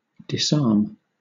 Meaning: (verb) 1. To deprive of weapons; to deprive of the means of attack or defense; to render defenseless 2. To deprive of the means or the disposition to harm; to render harmless or innocuous
- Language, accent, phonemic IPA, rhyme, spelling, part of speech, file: English, Southern England, /dɪsˈɑː(ɹ)m/, -ɑː(ɹ)m, disarm, verb / noun, LL-Q1860 (eng)-disarm.wav